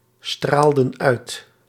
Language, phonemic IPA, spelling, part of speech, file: Dutch, /ˈstraldə(n) ˈœyt/, straalden uit, verb, Nl-straalden uit.ogg
- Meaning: inflection of uitstralen: 1. plural past indicative 2. plural past subjunctive